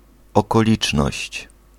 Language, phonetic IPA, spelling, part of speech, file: Polish, [ˌɔkɔˈlʲit͡ʃnɔɕt͡ɕ], okoliczność, noun, Pl-okoliczność.ogg